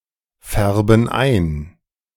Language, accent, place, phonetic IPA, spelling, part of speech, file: German, Germany, Berlin, [ˌfɛʁbn̩ ˈaɪ̯n], färben ein, verb, De-färben ein.ogg
- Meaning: inflection of einfärben: 1. first/third-person plural present 2. first/third-person plural subjunctive I